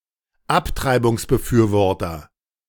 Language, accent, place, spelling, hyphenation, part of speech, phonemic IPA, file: German, Germany, Berlin, Abtreibungsbefürworter, Ab‧trei‧bungs‧be‧für‧wor‧ter, noun, /ˈaptʁaɪ̯bʊŋsbəˌfyːɐ̯vɔʁtɐ/, De-Abtreibungsbefürworter.ogg
- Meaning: pro-choice advocate, pro-choice campaigner, pro-choicer, proabortionist (pro-abortionist) (male or of unspecified gender) (one who is supportive of the legality of abortion)